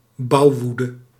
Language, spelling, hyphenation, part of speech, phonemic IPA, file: Dutch, bouwwoede, bouw‧woe‧de, noun, /ˈbɑu̯ˌʋu.də/, Nl-bouwwoede.ogg
- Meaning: building boom